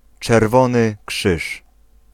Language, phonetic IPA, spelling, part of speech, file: Polish, [t͡ʃɛrˈvɔ̃nɨ ˈkʃɨʃ], Czerwony Krzyż, proper noun, Pl-Czerwony Krzyż.ogg